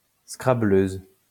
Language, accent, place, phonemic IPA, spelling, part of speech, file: French, France, Lyon, /skʁa.bløz/, scrabbleuse, noun, LL-Q150 (fra)-scrabbleuse.wav
- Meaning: female equivalent of scrabbleur